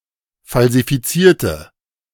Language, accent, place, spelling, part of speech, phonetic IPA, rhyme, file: German, Germany, Berlin, falsifizierte, adjective / verb, [ˌfalzifiˈt͡siːɐ̯tə], -iːɐ̯tə, De-falsifizierte.ogg
- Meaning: inflection of falsifiziert: 1. strong/mixed nominative/accusative feminine singular 2. strong nominative/accusative plural 3. weak nominative all-gender singular